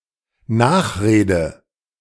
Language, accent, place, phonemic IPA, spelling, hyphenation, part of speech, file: German, Germany, Berlin, /ˈnaːxˌʁeːdə/, Nachrede, Nach‧re‧de, noun, De-Nachrede.ogg
- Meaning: afterword, epilogue